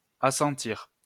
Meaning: to assent
- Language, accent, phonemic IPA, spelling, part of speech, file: French, France, /a.sɑ̃.tiʁ/, assentir, verb, LL-Q150 (fra)-assentir.wav